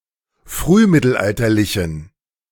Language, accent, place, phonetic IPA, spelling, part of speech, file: German, Germany, Berlin, [ˈfʁyːˌmɪtl̩ʔaltɐlɪçn̩], frühmittelalterlichen, adjective, De-frühmittelalterlichen.ogg
- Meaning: inflection of frühmittelalterlich: 1. strong genitive masculine/neuter singular 2. weak/mixed genitive/dative all-gender singular 3. strong/weak/mixed accusative masculine singular